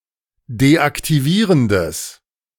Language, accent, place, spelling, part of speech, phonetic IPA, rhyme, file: German, Germany, Berlin, deaktivierendes, adjective, [deʔaktiˈviːʁəndəs], -iːʁəndəs, De-deaktivierendes.ogg
- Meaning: strong/mixed nominative/accusative neuter singular of deaktivierend